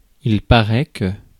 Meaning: third-person singular present indicative of paraître
- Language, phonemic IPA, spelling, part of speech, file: French, /pa.ʁɛ/, paraît, verb, Fr-paraît.ogg